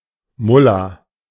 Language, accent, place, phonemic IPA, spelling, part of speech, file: German, Germany, Berlin, /ˈmʊla/, Mullah, noun, De-Mullah.ogg
- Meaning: mullah